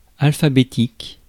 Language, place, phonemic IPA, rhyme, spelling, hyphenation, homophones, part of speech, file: French, Paris, /al.fa.be.tik/, -ik, alphabétique, al‧pha‧bé‧tique, alphabétiques, adjective, Fr-alphabétique.ogg
- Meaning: alphabetical (in the order of the letters of the alphabet)